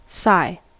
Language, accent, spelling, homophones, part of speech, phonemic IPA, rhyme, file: English, US, sigh, sie / sai / psi / xi / scye / Si / Sy / Cy, verb / noun / interjection, /saɪ/, -aɪ, En-us-sigh.ogg